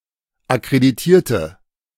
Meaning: inflection of akkreditieren: 1. first/third-person singular preterite 2. first/third-person singular subjunctive II
- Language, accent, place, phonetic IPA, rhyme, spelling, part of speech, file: German, Germany, Berlin, [akʁediˈtiːɐ̯tə], -iːɐ̯tə, akkreditierte, adjective / verb, De-akkreditierte.ogg